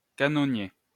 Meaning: cannoneer
- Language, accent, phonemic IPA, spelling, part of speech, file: French, France, /ka.nɔ.nje/, canonnier, noun, LL-Q150 (fra)-canonnier.wav